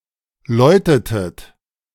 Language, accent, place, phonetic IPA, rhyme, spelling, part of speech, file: German, Germany, Berlin, [ˈlɔɪ̯tətət], -ɔɪ̯tətət, läutetet, verb, De-läutetet.ogg
- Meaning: inflection of läuten: 1. second-person plural preterite 2. second-person plural subjunctive II